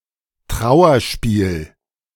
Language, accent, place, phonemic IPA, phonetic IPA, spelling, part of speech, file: German, Germany, Berlin, /ˈtraʊ̯ərˌʃpiːl/, [ˈtʁaʊ̯.ɐˌʃpiːl], Trauerspiel, noun, De-Trauerspiel.ogg
- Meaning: 1. tragedy 2. sad affair, debacle